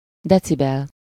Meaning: decibel (a common measure of sound intensity ratio, symbol: dB)
- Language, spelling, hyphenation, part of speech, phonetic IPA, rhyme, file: Hungarian, decibel, de‧ci‧bel, noun, [ˈdɛt͡sibɛl], -ɛl, Hu-decibel.ogg